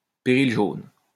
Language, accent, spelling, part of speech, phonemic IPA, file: French, France, péril jaune, noun, /pe.ʁil ʒon/, LL-Q150 (fra)-péril jaune.wav
- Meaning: yellow peril